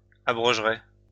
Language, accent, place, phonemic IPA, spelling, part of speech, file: French, France, Lyon, /a.bʁɔʒ.ʁɛ/, abrogeraient, verb, LL-Q150 (fra)-abrogeraient.wav
- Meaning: third-person plural conditional of abroger